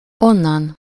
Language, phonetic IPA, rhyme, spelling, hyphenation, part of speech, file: Hungarian, [ˈonːɒn], -ɒn, onnan, on‧nan, adverb, Hu-onnan.ogg
- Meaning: from there, from that place, thence